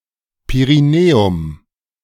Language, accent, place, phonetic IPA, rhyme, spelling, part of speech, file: German, Germany, Berlin, [peʁiˈneːʊm], -eːʊm, Perineum, noun, De-Perineum.ogg
- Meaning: perineum